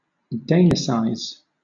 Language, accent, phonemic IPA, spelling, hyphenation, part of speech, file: English, Southern England, /ˈdeɪnɪsaɪz/, Danicize, Dan‧i‧cize, verb, LL-Q1860 (eng)-Danicize.wav
- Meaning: To make (more) Danish